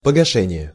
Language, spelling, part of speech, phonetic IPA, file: Russian, погашение, noun, [pəɡɐˈʂɛnʲɪje], Ru-погашение.ogg
- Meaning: paying off, clearing off